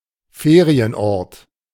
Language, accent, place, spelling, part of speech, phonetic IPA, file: German, Germany, Berlin, Ferienort, noun, [ˈfeːʁiənˌʔɔʁt], De-Ferienort.ogg
- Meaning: resort, holiday resort